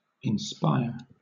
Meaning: To infuse into the mind; to communicate to the spirit; to convey, as by a divine or supernatural influence; to disclose preternaturally; to produce in, as by inspiration
- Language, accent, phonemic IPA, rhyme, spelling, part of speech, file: English, Southern England, /ɪnˈspaɪə(ɹ)/, -aɪə(ɹ), inspire, verb, LL-Q1860 (eng)-inspire.wav